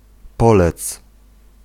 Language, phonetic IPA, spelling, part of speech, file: Polish, [ˈpɔlɛt͡s], polec, verb, Pl-polec.ogg